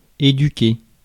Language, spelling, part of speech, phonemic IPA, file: French, éduquer, verb, /e.dy.ke/, Fr-éduquer.ogg
- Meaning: to educate